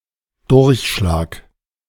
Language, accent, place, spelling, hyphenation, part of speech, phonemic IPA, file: German, Germany, Berlin, Durchschlag, Durch‧schlag, noun, /ˈdʊʁçˌʃlaːk/, De-Durchschlag.ogg
- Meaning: 1. punch 2. carbon copy 3. disruptive discharge 4. strainer